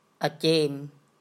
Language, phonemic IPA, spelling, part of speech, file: Mon, /ʔɛ̀cem/, အစေံ, proper noun, Mnw-အစေံ.oga
- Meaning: Ahsin (a town in Mon State, Myanmar)